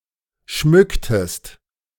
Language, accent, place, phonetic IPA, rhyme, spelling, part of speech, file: German, Germany, Berlin, [ˈʃmʏktəst], -ʏktəst, schmücktest, verb, De-schmücktest.ogg
- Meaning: inflection of schmücken: 1. second-person singular preterite 2. second-person singular subjunctive II